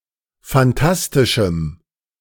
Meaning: strong dative masculine/neuter singular of phantastisch
- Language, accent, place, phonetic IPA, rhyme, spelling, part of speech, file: German, Germany, Berlin, [fanˈtastɪʃm̩], -astɪʃm̩, phantastischem, adjective, De-phantastischem.ogg